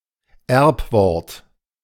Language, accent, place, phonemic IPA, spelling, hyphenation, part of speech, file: German, Germany, Berlin, /ˈɛʁpˌvɔʁt/, Erbwort, Erb‧wort, noun, De-Erbwort.ogg
- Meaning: word inherited from an earlier form of a language